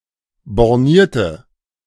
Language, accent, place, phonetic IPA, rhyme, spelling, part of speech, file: German, Germany, Berlin, [bɔʁˈniːɐ̯tə], -iːɐ̯tə, bornierte, adjective, De-bornierte.ogg
- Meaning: inflection of borniert: 1. strong/mixed nominative/accusative feminine singular 2. strong nominative/accusative plural 3. weak nominative all-gender singular